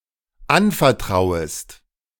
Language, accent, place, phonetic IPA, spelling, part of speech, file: German, Germany, Berlin, [ˈanfɛɐ̯ˌtʁaʊ̯əst], anvertrauest, verb, De-anvertrauest.ogg
- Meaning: second-person singular dependent subjunctive I of anvertrauen